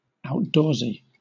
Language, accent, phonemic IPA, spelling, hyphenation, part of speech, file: English, Southern England, /aʊtˈdɔːzi/, outdoorsy, out‧doors‧y, adjective, LL-Q1860 (eng)-outdoorsy.wav
- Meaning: 1. Associated with the outdoors, or suited to outdoor life 2. Fond of the outdoors